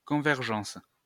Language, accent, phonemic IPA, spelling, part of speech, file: French, France, /kɔ̃.vɛʁ.ʒɑ̃s/, convergence, noun, LL-Q150 (fra)-convergence.wav
- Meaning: convergence